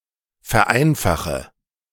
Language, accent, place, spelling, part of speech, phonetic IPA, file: German, Germany, Berlin, vereinfache, verb, [fɛɐ̯ˈʔaɪ̯nfaxə], De-vereinfache.ogg
- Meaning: inflection of vereinfachen: 1. first-person singular present 2. singular imperative 3. first/third-person singular subjunctive I